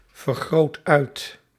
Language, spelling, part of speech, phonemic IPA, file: Dutch, vergroot uit, verb, /vərˌɣroːt ˈœy̯t/, Nl-vergroot uit.ogg
- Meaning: inflection of uitvergroten: 1. first/second/third-person singular present indicative 2. imperative